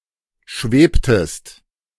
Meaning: inflection of schweben: 1. second-person singular preterite 2. second-person singular subjunctive II
- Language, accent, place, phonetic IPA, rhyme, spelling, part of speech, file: German, Germany, Berlin, [ˈʃveːptəst], -eːptəst, schwebtest, verb, De-schwebtest.ogg